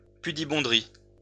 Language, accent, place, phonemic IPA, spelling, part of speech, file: French, France, Lyon, /py.di.bɔ̃.dʁi/, pudibonderie, noun, LL-Q150 (fra)-pudibonderie.wav
- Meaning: prudishness